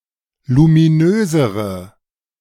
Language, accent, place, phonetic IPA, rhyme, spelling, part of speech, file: German, Germany, Berlin, [lumiˈnøːzəʁə], -øːzəʁə, luminösere, adjective, De-luminösere.ogg
- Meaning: inflection of luminös: 1. strong/mixed nominative/accusative feminine singular comparative degree 2. strong nominative/accusative plural comparative degree